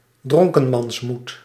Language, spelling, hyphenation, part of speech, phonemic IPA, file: Dutch, dronkenmansmoed, dron‧ken‧mans‧moed, noun, /ˈdrɔŋ.kə(n).mɑnsˌmut/, Nl-dronkenmansmoed.ogg
- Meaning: Official spelling of dronkemansmoed